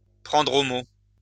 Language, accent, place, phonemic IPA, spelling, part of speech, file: French, France, Lyon, /pʁɑ̃dʁ o mo/, prendre au mot, verb, LL-Q150 (fra)-prendre au mot.wav
- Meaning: to take someone literally, to take someone at their word